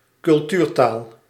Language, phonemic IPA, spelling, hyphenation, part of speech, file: Dutch, /kʏlˈtyːrˌtaːl/, cultuurtaal, cul‧tuur‧taal, noun, Nl-cultuurtaal.ogg
- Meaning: standard language, language of culture (standardised lect)